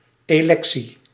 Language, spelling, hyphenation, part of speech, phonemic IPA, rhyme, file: Dutch, electie, elec‧tie, noun, /ˌeːˈlɛk.si/, -ɛksi, Nl-electie.ogg
- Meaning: election